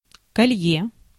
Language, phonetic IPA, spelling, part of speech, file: Russian, [kɐˈlʲje], колье, noun, Ru-колье.ogg
- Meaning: necklace